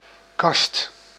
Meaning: cupboard, closet, wardrobe
- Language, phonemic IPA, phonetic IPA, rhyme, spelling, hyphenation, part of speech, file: Dutch, /kɑst/, [kɑst], -ɑst, kast, kast, noun, Nl-kast.ogg